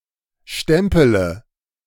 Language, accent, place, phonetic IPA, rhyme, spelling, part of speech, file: German, Germany, Berlin, [ˈʃtɛmpələ], -ɛmpələ, stempele, verb, De-stempele.ogg
- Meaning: inflection of stempeln: 1. first-person singular present 2. first/third-person singular subjunctive I 3. singular imperative